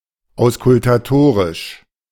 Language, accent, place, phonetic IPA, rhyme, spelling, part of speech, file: German, Germany, Berlin, [aʊ̯skʊltaˈtoːʁɪʃ], -oːʁɪʃ, auskultatorisch, adjective, De-auskultatorisch.ogg
- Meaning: auscultatory